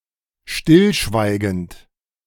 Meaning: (verb) present participle of stillschweigen; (adjective) tacit
- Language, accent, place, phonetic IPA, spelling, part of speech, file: German, Germany, Berlin, [ˈʃtɪlˌʃvaɪ̯ɡənt], stillschweigend, adjective / verb, De-stillschweigend.ogg